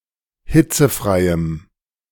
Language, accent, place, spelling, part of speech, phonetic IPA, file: German, Germany, Berlin, hitzefreiem, adjective, [ˈhɪt͡səˌfʁaɪ̯əm], De-hitzefreiem.ogg
- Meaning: strong dative masculine/neuter singular of hitzefrei